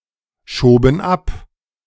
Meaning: first/third-person plural preterite of abschieben
- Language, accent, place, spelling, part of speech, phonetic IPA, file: German, Germany, Berlin, schoben ab, verb, [ˌʃoːbn̩ ˈap], De-schoben ab.ogg